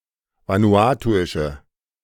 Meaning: inflection of vanuatuisch: 1. strong/mixed nominative/accusative feminine singular 2. strong nominative/accusative plural 3. weak nominative all-gender singular
- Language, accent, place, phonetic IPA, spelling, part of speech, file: German, Germany, Berlin, [ˌvanuˈaːtuɪʃə], vanuatuische, adjective, De-vanuatuische.ogg